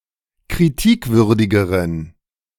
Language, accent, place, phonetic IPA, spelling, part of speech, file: German, Germany, Berlin, [kʁiˈtiːkˌvʏʁdɪɡəʁən], kritikwürdigeren, adjective, De-kritikwürdigeren.ogg
- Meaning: inflection of kritikwürdig: 1. strong genitive masculine/neuter singular comparative degree 2. weak/mixed genitive/dative all-gender singular comparative degree